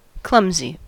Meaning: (adjective) 1. Awkward, lacking coordination, not graceful, not dextrous 2. Not elegant or well-planned, lacking tact or subtlety
- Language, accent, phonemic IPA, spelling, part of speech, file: English, US, /ˈklʌmzi/, clumsy, adjective / noun, En-us-clumsy.ogg